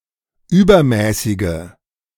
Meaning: inflection of übermäßig: 1. strong/mixed nominative/accusative feminine singular 2. strong nominative/accusative plural 3. weak nominative all-gender singular
- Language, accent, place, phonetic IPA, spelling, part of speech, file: German, Germany, Berlin, [ˈyːbɐˌmɛːsɪɡə], übermäßige, adjective, De-übermäßige.ogg